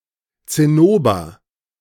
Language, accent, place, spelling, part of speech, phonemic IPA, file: German, Germany, Berlin, Zinnober, noun, /tsɪˈnoːbɐ/, De-Zinnober.ogg
- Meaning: 1. cinnabar 2. something worthless, a questionable activity, effort or item